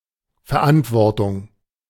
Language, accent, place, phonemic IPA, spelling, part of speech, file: German, Germany, Berlin, /fɛɐ̯ˈʔantvɔʁtʊŋ/, Verantwortung, noun, De-Verantwortung.ogg
- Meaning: responsibility